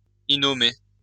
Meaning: unnamed, nameless (having no name)
- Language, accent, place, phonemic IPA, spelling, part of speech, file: French, France, Lyon, /i.nɔ.me/, innomé, adjective, LL-Q150 (fra)-innomé.wav